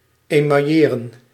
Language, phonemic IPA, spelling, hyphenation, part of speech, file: Dutch, /ˌeː.mɑˈjeː.rə(n)/, emailleren, email‧le‧ren, verb, Nl-emailleren.ogg
- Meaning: to enamel (cover with enamel)